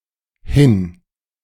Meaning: Separable verbal prefix that indicates a movement or direction to a location that is not where the speaker is
- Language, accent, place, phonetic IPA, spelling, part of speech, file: German, Germany, Berlin, [hɪn], hin-, prefix, De-hin-.ogg